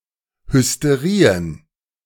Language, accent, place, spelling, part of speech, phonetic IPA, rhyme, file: German, Germany, Berlin, Hysterien, noun, [hʏsteˈʁiːən], -iːən, De-Hysterien.ogg
- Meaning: plural of Hysterie